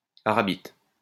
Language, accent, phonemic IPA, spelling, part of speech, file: French, France, /a.ʁa.bit/, arabite, noun, LL-Q150 (fra)-arabite.wav
- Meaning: arabitol